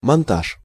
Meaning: 1. assembling, assemblage 2. mounting 3. montage
- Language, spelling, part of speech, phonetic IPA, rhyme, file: Russian, монтаж, noun, [mɐnˈtaʂ], -aʂ, Ru-монтаж.ogg